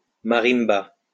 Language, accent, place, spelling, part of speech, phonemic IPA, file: French, France, Lyon, marimba, noun, /ma.ʁim.ba/, LL-Q150 (fra)-marimba.wav
- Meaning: marimba